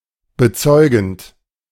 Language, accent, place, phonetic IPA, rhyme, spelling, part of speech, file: German, Germany, Berlin, [bəˈt͡sɔɪ̯ɡn̩t], -ɔɪ̯ɡn̩t, bezeugend, verb, De-bezeugend.ogg
- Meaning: present participle of bezeugen